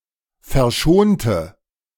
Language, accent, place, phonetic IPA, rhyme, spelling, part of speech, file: German, Germany, Berlin, [fɛɐ̯ˈʃoːntə], -oːntə, verschonte, adjective / verb, De-verschonte.ogg
- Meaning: inflection of verschonen: 1. first/third-person singular preterite 2. first/third-person singular subjunctive II